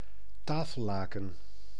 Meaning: tablecloth
- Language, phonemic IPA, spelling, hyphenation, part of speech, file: Dutch, /ˈtaː.fə(l)ˌlaː.kə(n)/, tafellaken, ta‧fel‧la‧ken, noun, Nl-tafellaken.ogg